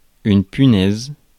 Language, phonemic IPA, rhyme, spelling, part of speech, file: French, /py.nɛz/, -ɛz, punaise, noun / verb / interjection, Fr-punaise.ogg
- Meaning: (noun) 1. bug, stinkbug; true bug (a member of order Heteroptera) 2. bedbug 3. tack, thumbtack, drawing pin 4. a worthless woman (a term of abuse)